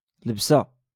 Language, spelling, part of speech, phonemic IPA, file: Moroccan Arabic, لبسة, noun, /lab.sa/, LL-Q56426 (ary)-لبسة.wav
- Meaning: dress (apparel, clothing)